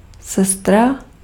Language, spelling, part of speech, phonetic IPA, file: Czech, sestra, noun, [ˈsɛstra], Cs-sestra.ogg
- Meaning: 1. sister (sibling) 2. nurse (caring for the sick) 3. nun, sister